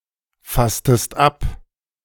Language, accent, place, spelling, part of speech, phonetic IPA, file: German, Germany, Berlin, fasstest ab, verb, [ˌfastəst ˈap], De-fasstest ab.ogg
- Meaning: inflection of abfassen: 1. second-person singular preterite 2. second-person singular subjunctive II